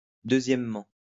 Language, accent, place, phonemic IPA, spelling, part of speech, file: French, France, Lyon, /dø.zjɛm.mɑ̃/, deuxièmement, adverb, LL-Q150 (fra)-deuxièmement.wav
- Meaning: secondly